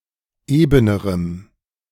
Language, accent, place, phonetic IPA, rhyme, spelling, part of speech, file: German, Germany, Berlin, [ˈeːbənəʁəm], -eːbənəʁəm, ebenerem, adjective, De-ebenerem.ogg
- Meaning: strong dative masculine/neuter singular comparative degree of eben